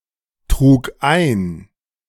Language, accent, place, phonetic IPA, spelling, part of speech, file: German, Germany, Berlin, [ˌtʁuːk ˈaɪ̯n], trug ein, verb, De-trug ein.ogg
- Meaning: first/third-person singular preterite of eintragen